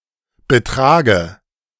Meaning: dative singular of Betrag
- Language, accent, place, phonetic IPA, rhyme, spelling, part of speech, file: German, Germany, Berlin, [bəˈtʁaːɡə], -aːɡə, Betrage, noun, De-Betrage.ogg